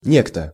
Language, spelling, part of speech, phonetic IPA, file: Russian, некто, pronoun, [ˈnʲektə], Ru-некто.ogg
- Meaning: 1. indefinite pronoun, somebody, someone 2. a certain